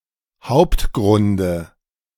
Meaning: dative singular of Hauptgrund
- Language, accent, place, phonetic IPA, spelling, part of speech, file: German, Germany, Berlin, [ˈhaʊ̯ptˌɡʁʊndə], Hauptgrunde, noun, De-Hauptgrunde.ogg